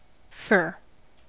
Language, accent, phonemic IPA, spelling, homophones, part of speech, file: English, US, /fɝ/, fur, fair, noun / verb, En-us-fur.ogg
- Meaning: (noun) 1. The hairy coat of various mammal species, especially when fine, soft and thick 2. The hairy skins of animals used as a material for clothing